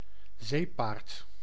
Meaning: 1. seahorse (more often used in its diminutive form - zeepaardje), fish of the genus Hippocampus 2. hippocamp 3. hippopotamus
- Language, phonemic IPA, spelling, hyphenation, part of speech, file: Dutch, /ˈzeː.paːrt/, zeepaard, zee‧paard, noun, Nl-zeepaard.ogg